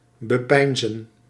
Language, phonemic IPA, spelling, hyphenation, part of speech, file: Dutch, /bəˈpɛi̯nzə(n)/, bepeinzen, be‧pein‧zen, verb, Nl-bepeinzen.ogg
- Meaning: to contemplate, to ruminate over, to mediate on